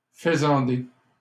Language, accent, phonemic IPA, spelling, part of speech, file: French, Canada, /fə.zɑ̃.de/, faisandé, verb / adjective, LL-Q150 (fra)-faisandé.wav
- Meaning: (verb) past participle of faisander; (adjective) 1. gamy, high (of meat) 2. corrupt, decadent